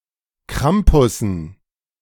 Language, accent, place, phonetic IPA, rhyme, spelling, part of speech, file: German, Germany, Berlin, [ˈkʁampʊsn̩], -ampʊsn̩, Krampussen, noun, De-Krampussen.ogg
- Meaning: dative plural of Krampus